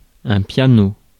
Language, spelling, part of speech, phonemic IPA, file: French, piano, noun, /pja.no/, Fr-piano.ogg
- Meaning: piano